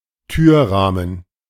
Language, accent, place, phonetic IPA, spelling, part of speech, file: German, Germany, Berlin, [ˈtyːɐ̯ˌʁaːmən], Türrahmen, noun, De-Türrahmen.ogg
- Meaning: door frame, door casing